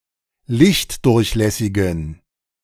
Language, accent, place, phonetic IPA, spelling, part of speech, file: German, Germany, Berlin, [ˈlɪçtˌdʊʁçlɛsɪɡn̩], lichtdurchlässigen, adjective, De-lichtdurchlässigen.ogg
- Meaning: inflection of lichtdurchlässig: 1. strong genitive masculine/neuter singular 2. weak/mixed genitive/dative all-gender singular 3. strong/weak/mixed accusative masculine singular